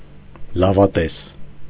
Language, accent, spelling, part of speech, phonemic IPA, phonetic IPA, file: Armenian, Eastern Armenian, լավատես, adjective / noun, /lɑvɑˈtes/, [lɑvɑtés], Hy-լավատես.ogg
- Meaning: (adjective) optimistic; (noun) optimist